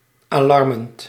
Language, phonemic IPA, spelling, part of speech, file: Dutch, /alɑrˈmerənt/, alarmerend, verb / adjective, Nl-alarmerend.ogg
- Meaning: present participle of alarmeren